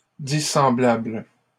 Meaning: dissimilar, unlike
- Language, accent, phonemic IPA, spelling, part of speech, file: French, Canada, /di.sɑ̃.blabl/, dissemblable, adjective, LL-Q150 (fra)-dissemblable.wav